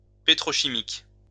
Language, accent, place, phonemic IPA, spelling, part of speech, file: French, France, Lyon, /pe.tʁɔ.ʃi.mik/, pétrochimique, adjective, LL-Q150 (fra)-pétrochimique.wav
- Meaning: petrochemical